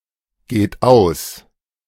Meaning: inflection of ausgehen: 1. third-person singular present 2. second-person plural present 3. plural imperative
- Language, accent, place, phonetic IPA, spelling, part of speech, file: German, Germany, Berlin, [ˌɡeːt ˈaʊ̯s], geht aus, verb, De-geht aus.ogg